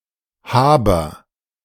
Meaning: oat
- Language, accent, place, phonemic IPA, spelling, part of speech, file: German, Germany, Berlin, /ˈhaːbɐ/, Haber, noun, De-Haber.ogg